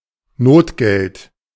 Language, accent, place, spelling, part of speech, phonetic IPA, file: German, Germany, Berlin, Notgeld, noun, [ˈnoːtɡɛlt], De-Notgeld.ogg
- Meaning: notgeld (money issued by an institution in a time of economic or political crisis, usually without official sanction from the central government)